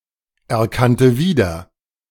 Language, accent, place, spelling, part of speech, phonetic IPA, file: German, Germany, Berlin, erkannte wieder, verb, [ɛɐ̯ˌkantə ˈviːdɐ], De-erkannte wieder.ogg
- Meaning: first/third-person singular preterite of wiedererkennen